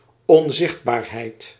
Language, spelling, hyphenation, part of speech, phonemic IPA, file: Dutch, onzichtbaarheid, on‧zicht‧baar‧heid, noun, /ɔnˈzɪxt.baːr.ɦɛi̯t/, Nl-onzichtbaarheid.ogg
- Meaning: 1. invisibility, state of not being visible 2. something that is invisible